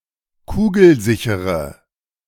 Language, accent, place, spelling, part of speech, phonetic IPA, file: German, Germany, Berlin, kugelsichere, adjective, [ˈkuːɡl̩ˌzɪçəʁə], De-kugelsichere.ogg
- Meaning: inflection of kugelsicher: 1. strong/mixed nominative/accusative feminine singular 2. strong nominative/accusative plural 3. weak nominative all-gender singular